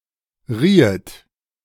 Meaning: second-person plural subjunctive II of reihen
- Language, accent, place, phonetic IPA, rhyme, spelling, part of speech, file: German, Germany, Berlin, [ˈʁiːət], -iːət, riehet, verb, De-riehet.ogg